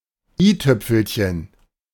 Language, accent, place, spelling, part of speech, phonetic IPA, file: German, Germany, Berlin, i-Tüpfelchen, noun, [ˈiːˌtʏp͡fl̩çən], De-i-Tüpfelchen.ogg
- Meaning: 1. tittle, the dot on the letter i 2. the finishing touch